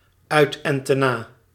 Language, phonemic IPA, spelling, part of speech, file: Dutch, /ˌœytɛntəˈna/, uit-en-te-na, adverb, Nl-uit-en-te-na.ogg
- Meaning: comprehensively, thoroughly